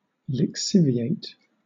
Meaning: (verb) To separate (a substance) into soluble and insoluble components through percolation; to leach; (adjective) Of or relating to lye or lixivium; of the quality of alkaline salts
- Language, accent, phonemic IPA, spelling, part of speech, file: English, Southern England, /lɪkˈsɪvieɪt/, lixiviate, verb / adjective / noun, LL-Q1860 (eng)-lixiviate.wav